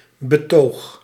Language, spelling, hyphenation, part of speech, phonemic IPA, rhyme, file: Dutch, betoog, be‧toog, noun / verb, /bəˈtoːx/, -oːx, Nl-betoog.ogg
- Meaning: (noun) 1. argument, plea (subjective discourse in which one argues in favour of something) 2. proof, evidence 3. demonstration, act of showing